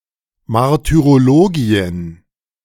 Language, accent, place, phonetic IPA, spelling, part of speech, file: German, Germany, Berlin, [maʁtyʁoˈloːɡi̯ən], Martyrologien, noun, De-Martyrologien.ogg
- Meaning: plural of Martyrologium